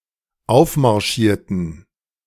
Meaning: inflection of aufmarschieren: 1. first/third-person plural dependent preterite 2. first/third-person plural dependent subjunctive II
- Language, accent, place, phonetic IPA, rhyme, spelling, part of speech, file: German, Germany, Berlin, [ˈaʊ̯fmaʁˌʃiːɐ̯tn̩], -aʊ̯fmaʁʃiːɐ̯tn̩, aufmarschierten, adjective / verb, De-aufmarschierten.ogg